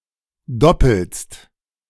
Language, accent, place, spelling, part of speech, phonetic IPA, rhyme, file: German, Germany, Berlin, doppelst, verb, [ˈdɔpl̩st], -ɔpl̩st, De-doppelst.ogg
- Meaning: second-person singular present of doppeln